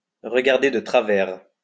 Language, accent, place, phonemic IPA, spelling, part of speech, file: French, France, Lyon, /ʁə.ɡaʁ.de də tʁa.vɛʁ/, regarder de travers, verb, LL-Q150 (fra)-regarder de travers.wav
- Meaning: to give somebody a funny look, to give somebody a dirty look, to look askance at somebody